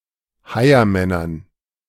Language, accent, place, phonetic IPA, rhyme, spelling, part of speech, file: German, Germany, Berlin, [ˈhaɪ̯ɐˌmɛnɐn], -aɪ̯ɐmɛnɐn, Heiermännern, noun, De-Heiermännern.ogg
- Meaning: dative plural of Heiermann